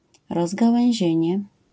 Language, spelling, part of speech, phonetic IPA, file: Polish, rozgałęzienie, noun, [ˌrɔzɡawɛ̃w̃ˈʑɛ̇̃ɲɛ], LL-Q809 (pol)-rozgałęzienie.wav